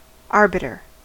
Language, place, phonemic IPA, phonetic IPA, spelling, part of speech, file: English, California, /ˈɑɹ.bɪ.tɚ/, [ˈɑɹ.bɪ.ɾɚ], arbiter, noun / verb, En-us-arbiter.ogg
- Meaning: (noun) A person appointed, or chosen, by parties to determine a controversy between them; an arbitrator